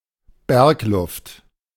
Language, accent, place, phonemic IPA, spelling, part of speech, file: German, Germany, Berlin, /ˈbɛʁkˌlʊft/, Bergluft, noun, De-Bergluft.ogg
- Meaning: mountain air